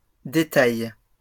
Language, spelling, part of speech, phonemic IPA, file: French, détails, noun, /de.taj/, LL-Q150 (fra)-détails.wav
- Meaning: plural of détail